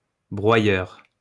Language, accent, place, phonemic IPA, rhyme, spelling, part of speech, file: French, France, Lyon, /bʁwa.jœʁ/, -jœʁ, broyeur, noun, LL-Q150 (fra)-broyeur.wav
- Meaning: 1. crusher, grinder (person who crushes, grinds) 2. shredder, crusher, grinder (machine that tears up or crushes objects into smaller pieces)